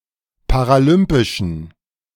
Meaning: inflection of paralympisch: 1. strong genitive masculine/neuter singular 2. weak/mixed genitive/dative all-gender singular 3. strong/weak/mixed accusative masculine singular 4. strong dative plural
- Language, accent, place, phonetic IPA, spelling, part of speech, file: German, Germany, Berlin, [paʁaˈlʏmpɪʃn̩], paralympischen, adjective, De-paralympischen.ogg